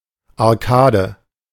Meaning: 1. arch 2. arcade
- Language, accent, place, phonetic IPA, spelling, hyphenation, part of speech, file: German, Germany, Berlin, [aʁˈkaːdə], Arkade, Ar‧ka‧de, noun, De-Arkade.ogg